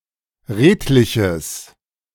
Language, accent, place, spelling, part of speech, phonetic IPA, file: German, Germany, Berlin, redliches, adjective, [ˈʁeːtlɪçəs], De-redliches.ogg
- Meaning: strong/mixed nominative/accusative neuter singular of redlich